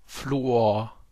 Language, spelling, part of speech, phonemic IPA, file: German, Fluor, noun, /ˈfluːoːɐ̯/, De-Fluor.ogg
- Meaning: fluorine